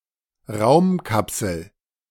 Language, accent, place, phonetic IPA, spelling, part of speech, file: German, Germany, Berlin, [ˈʁaʊ̯mˌkapsl̩], Raumkapsel, noun, De-Raumkapsel.ogg
- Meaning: space capsule